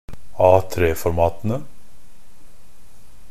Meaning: definite plural of A3-format
- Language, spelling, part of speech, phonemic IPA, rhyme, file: Norwegian Bokmål, A3-formatene, noun, /ˈɑːtreːfɔrmɑːtənə/, -ənə, NB - Pronunciation of Norwegian Bokmål «A3-formatene».ogg